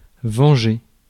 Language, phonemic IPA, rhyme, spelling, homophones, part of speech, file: French, /vɑ̃.ʒe/, -e, venger, vengé / vengeai / vengée / vengées / vengés / vengez, verb, Fr-venger.ogg
- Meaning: to avenge, to take revenge (upon)